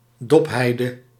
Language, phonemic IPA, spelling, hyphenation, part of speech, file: Dutch, /ˈdɔpˌɦɛi̯.də/, dopheide, dop‧hei‧de, noun, Nl-dopheide.ogg
- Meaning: 1. heath, any plant of the genus Erica 2. cross-leaved heath (Erica tetralix)